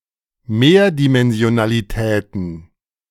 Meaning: plural of Mehrdimensionalität
- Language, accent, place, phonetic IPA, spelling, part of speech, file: German, Germany, Berlin, [ˈmeːɐ̯dimɛnzi̯onaliˌtɛːtn̩], Mehrdimensionalitäten, noun, De-Mehrdimensionalitäten.ogg